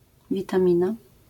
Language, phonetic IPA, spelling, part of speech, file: Polish, [ˌvʲitãˈmʲĩna], witamina, noun, LL-Q809 (pol)-witamina.wav